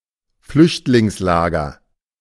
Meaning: refugee camp
- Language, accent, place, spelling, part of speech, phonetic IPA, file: German, Germany, Berlin, Flüchtlingslager, noun, [ˈflʏçtlɪŋsˌlaːɡɐ], De-Flüchtlingslager.ogg